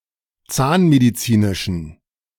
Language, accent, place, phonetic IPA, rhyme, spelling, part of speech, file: German, Germany, Berlin, [ˈt͡saːnmediˌt͡siːnɪʃn̩], -aːnmedit͡siːnɪʃn̩, zahnmedizinischen, adjective, De-zahnmedizinischen.ogg
- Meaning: inflection of zahnmedizinisch: 1. strong genitive masculine/neuter singular 2. weak/mixed genitive/dative all-gender singular 3. strong/weak/mixed accusative masculine singular 4. strong dative plural